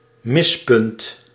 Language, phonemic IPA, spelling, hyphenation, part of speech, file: Dutch, /ˈmɪs.pʏnt/, mispunt, mis‧punt, noun, Nl-mispunt.ogg
- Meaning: 1. foul, miss 2. jerk, prick, nasty